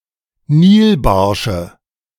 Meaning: nominative/accusative/genitive plural of Nilbarsch
- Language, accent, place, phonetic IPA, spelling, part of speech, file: German, Germany, Berlin, [ˈniːlˌbaʁʃə], Nilbarsche, noun, De-Nilbarsche.ogg